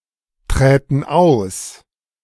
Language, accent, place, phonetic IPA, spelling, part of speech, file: German, Germany, Berlin, [ˌtʁɛːtn̩ ˈaʊ̯s], träten aus, verb, De-träten aus.ogg
- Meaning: first/third-person plural subjunctive II of austreten